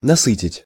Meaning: 1. to satisfy, to satiate, to sate 2. to saturate
- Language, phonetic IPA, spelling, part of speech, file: Russian, [nɐˈsɨtʲɪtʲ], насытить, verb, Ru-насытить.ogg